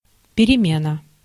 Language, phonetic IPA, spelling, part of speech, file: Russian, [pʲɪrʲɪˈmʲenə], перемена, noun, Ru-перемена.ogg
- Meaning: 1. a qualitative change, shift, alternation, changeover (brought about either from within or from without) 2. a recess (a break, intermission between lessons for rest or play, typically short)